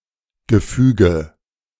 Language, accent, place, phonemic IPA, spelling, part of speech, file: German, Germany, Berlin, /ɡəˈfyːɡə/, Gefüge, noun, De-Gefüge.ogg
- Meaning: arrangement, structure, framework